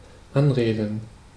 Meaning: to begin a talk with someone, often a stranger
- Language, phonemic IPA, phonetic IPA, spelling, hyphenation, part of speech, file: German, /ˈanˌʁeːdən/, [ˈʔanˌʁeːdn̩], anreden, an‧re‧den, verb, De-anreden.ogg